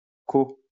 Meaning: malbec (grape or wine)
- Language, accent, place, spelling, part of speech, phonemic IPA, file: French, France, Lyon, côt, noun, /ko/, LL-Q150 (fra)-côt.wav